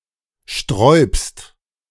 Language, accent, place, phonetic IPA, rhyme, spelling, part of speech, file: German, Germany, Berlin, [ʃtʁɔɪ̯pst], -ɔɪ̯pst, sträubst, verb, De-sträubst.ogg
- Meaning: second-person singular present of sträuben